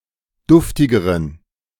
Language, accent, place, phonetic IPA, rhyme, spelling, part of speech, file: German, Germany, Berlin, [ˈdʊftɪɡəʁən], -ʊftɪɡəʁən, duftigeren, adjective, De-duftigeren.ogg
- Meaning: inflection of duftig: 1. strong genitive masculine/neuter singular comparative degree 2. weak/mixed genitive/dative all-gender singular comparative degree